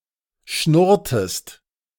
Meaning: inflection of schnurren: 1. second-person singular preterite 2. second-person singular subjunctive II
- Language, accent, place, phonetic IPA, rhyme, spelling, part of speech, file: German, Germany, Berlin, [ˈʃnʊʁtəst], -ʊʁtəst, schnurrtest, verb, De-schnurrtest.ogg